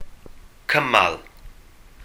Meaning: 1. joint 2. clause 3. leg
- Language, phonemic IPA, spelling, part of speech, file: Welsh, /ˈkəmal/, cymal, noun, Cy-cymal.ogg